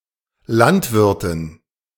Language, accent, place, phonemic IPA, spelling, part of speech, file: German, Germany, Berlin, /ˈlantˌvɪʁtɪn/, Landwirtin, noun, De-Landwirtin.ogg
- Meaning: female equivalent of Landwirt (“farmer”)